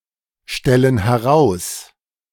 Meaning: inflection of herausstellen: 1. first/third-person plural present 2. first/third-person plural subjunctive I
- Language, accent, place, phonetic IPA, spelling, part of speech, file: German, Germany, Berlin, [ˌʃtɛlən hɛˈʁaʊ̯s], stellen heraus, verb, De-stellen heraus.ogg